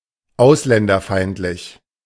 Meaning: hostile to foreigners; xenophobic
- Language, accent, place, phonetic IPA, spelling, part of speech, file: German, Germany, Berlin, [ˈaʊ̯slɛndɐˌfaɪ̯ntlɪç], ausländerfeindlich, adjective, De-ausländerfeindlich.ogg